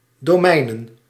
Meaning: plural of domein
- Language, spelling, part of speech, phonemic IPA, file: Dutch, domeinen, noun, /doˈmɛinə(n)/, Nl-domeinen.ogg